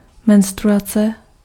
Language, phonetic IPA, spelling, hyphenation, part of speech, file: Czech, [ˈmɛnstruat͡sɛ], menstruace, men‧s‧t‧rua‧ce, noun, Cs-menstruace.ogg
- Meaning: menstruation